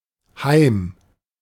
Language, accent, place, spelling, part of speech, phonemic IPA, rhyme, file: German, Germany, Berlin, Heim, noun, /haɪ̯m/, -aɪ̯m, De-Heim.ogg
- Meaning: 1. home, one’s dwelling, the place where one is at home 2. a home, asylum, hostel (residence for some specified group)